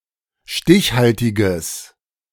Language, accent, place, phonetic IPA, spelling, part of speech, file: German, Germany, Berlin, [ˈʃtɪçˌhaltɪɡəs], stichhaltiges, adjective, De-stichhaltiges.ogg
- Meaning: strong/mixed nominative/accusative neuter singular of stichhaltig